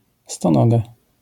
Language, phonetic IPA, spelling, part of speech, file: Polish, [stɔ̃ˈnɔɡa], stonoga, noun, LL-Q809 (pol)-stonoga.wav